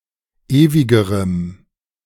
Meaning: strong dative masculine/neuter singular comparative degree of ewig
- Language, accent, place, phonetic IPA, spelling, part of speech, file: German, Germany, Berlin, [ˈeːvɪɡəʁəm], ewigerem, adjective, De-ewigerem.ogg